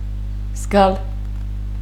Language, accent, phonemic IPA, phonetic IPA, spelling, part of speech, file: Armenian, Eastern Armenian, /zɡɑl/, [zɡɑl], զգալ, verb, Hy-զգալ.ogg
- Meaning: 1. to feel, to sense 2. to be aware 3. to foresee, to expect 4. to feel, to nourish, to entertain